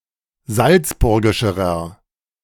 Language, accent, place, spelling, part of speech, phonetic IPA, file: German, Germany, Berlin, salzburgischerer, adjective, [ˈzalt͡sˌbʊʁɡɪʃəʁɐ], De-salzburgischerer.ogg
- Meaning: inflection of salzburgisch: 1. strong/mixed nominative masculine singular comparative degree 2. strong genitive/dative feminine singular comparative degree 3. strong genitive plural comparative degree